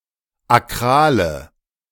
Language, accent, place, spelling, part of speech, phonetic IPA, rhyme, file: German, Germany, Berlin, akrale, adjective, [aˈkʁaːlə], -aːlə, De-akrale.ogg
- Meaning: inflection of akral: 1. strong/mixed nominative/accusative feminine singular 2. strong nominative/accusative plural 3. weak nominative all-gender singular 4. weak accusative feminine/neuter singular